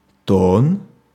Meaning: 1. tone, plural: то́ны (tóny) 2. tone, shade, plural: тона́ (toná) 3. intonation 4. muscle tone
- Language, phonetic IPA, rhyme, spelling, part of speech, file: Russian, [ton], -on, тон, noun, Ru-тон.ogg